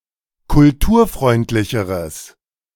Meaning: strong/mixed nominative/accusative neuter singular comparative degree of kulturfreundlich
- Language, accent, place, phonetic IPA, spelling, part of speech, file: German, Germany, Berlin, [kʊlˈtuːɐ̯ˌfʁɔɪ̯ntlɪçəʁəs], kulturfreundlicheres, adjective, De-kulturfreundlicheres.ogg